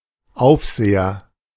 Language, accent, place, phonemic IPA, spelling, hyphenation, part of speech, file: German, Germany, Berlin, /ˈʔaʊ̯fzeːɐ/, Aufseher, Auf‧se‧her, noun, De-Aufseher.ogg
- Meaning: A supervisor, person overseeing (the work of) others, taskmaster, foreman, warden, custodian, etc